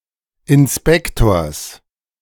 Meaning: genitive singular of Inspektor
- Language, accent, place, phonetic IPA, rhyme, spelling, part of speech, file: German, Germany, Berlin, [ɪnˈspɛktoːɐ̯s], -ɛktoːɐ̯s, Inspektors, noun, De-Inspektors.ogg